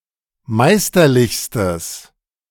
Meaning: strong/mixed nominative/accusative neuter singular superlative degree of meisterlich
- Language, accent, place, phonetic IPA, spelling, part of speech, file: German, Germany, Berlin, [ˈmaɪ̯stɐˌlɪçstəs], meisterlichstes, adjective, De-meisterlichstes.ogg